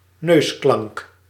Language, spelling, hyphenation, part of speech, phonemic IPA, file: Dutch, neusklank, neus‧klank, noun, /ˈnøːs.klɑŋk/, Nl-neusklank.ogg
- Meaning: a nasal